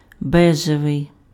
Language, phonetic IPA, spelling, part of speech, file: Ukrainian, [ˈbɛʒeʋei̯], бежевий, adjective, Uk-бежевий.ogg
- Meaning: beige (color)